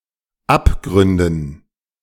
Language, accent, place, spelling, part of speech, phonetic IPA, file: German, Germany, Berlin, Abgründen, noun, [ˈapˌɡʁʏndn̩], De-Abgründen.ogg
- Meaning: dative plural of Abgrund